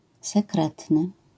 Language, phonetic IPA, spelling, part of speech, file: Polish, [sɛˈkrɛtnɨ], sekretny, adjective, LL-Q809 (pol)-sekretny.wav